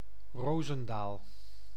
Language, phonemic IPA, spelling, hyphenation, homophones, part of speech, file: Dutch, /ˈroː.zə(n)ˌdaːl/, Rozendaal, Ro‧zen‧daal, Roosendaal, proper noun, Nl-Rozendaal.ogg
- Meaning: 1. Rozendaal (a village and municipality of Gelderland, Netherlands) 2. a hamlet in Krimpenerwaard, South Holland, Netherlands 3. a neighbourhood of Leusden, Utrecht, Netherlands 4. a surname